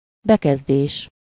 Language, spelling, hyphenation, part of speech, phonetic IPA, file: Hungarian, bekezdés, be‧kez‧dés, noun, [ˈbɛkɛzdeːʃ], Hu-bekezdés.ogg
- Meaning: paragraph (passage in text that is about a new subject, marked by commencing on a new line)